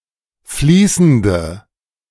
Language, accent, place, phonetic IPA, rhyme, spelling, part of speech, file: German, Germany, Berlin, [ˈfliːsn̩də], -iːsn̩də, fließende, adjective, De-fließende.ogg
- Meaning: inflection of fließend: 1. strong/mixed nominative/accusative feminine singular 2. strong nominative/accusative plural 3. weak nominative all-gender singular